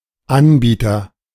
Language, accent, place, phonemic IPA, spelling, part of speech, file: German, Germany, Berlin, /ˈanˌbiːtɐ/, Anbieter, noun, De-Anbieter.ogg
- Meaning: 1. provider 2. vendor 3. supplier